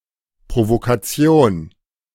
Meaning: provocation
- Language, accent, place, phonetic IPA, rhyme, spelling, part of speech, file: German, Germany, Berlin, [pʁovokaˈt͡si̯oːn], -oːn, Provokation, noun, De-Provokation.ogg